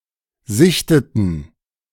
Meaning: inflection of sichten: 1. first/third-person plural preterite 2. first/third-person plural subjunctive II
- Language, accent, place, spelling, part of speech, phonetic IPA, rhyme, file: German, Germany, Berlin, sichteten, verb, [ˈzɪçtətn̩], -ɪçtətn̩, De-sichteten.ogg